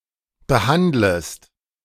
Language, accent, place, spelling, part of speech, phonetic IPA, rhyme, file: German, Germany, Berlin, behandlest, verb, [bəˈhandləst], -andləst, De-behandlest.ogg
- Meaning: second-person singular subjunctive I of behandeln